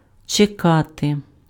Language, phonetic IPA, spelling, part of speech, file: Ukrainian, [t͡ʃeˈkate], чекати, verb, Uk-чекати.ogg
- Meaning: to wait